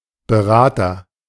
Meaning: agent noun of beraten: adviser / advisor, consultant
- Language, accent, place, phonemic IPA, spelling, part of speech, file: German, Germany, Berlin, /bəˈʁaːtɐ/, Berater, noun, De-Berater.ogg